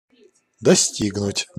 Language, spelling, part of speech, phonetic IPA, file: Russian, достигнуть, verb, [dɐˈsʲtʲiɡnʊtʲ], Ru-достигнуть.ogg
- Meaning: 1. to reach, to arrive at 2. to attain, to achieve 3. to amount to, to come to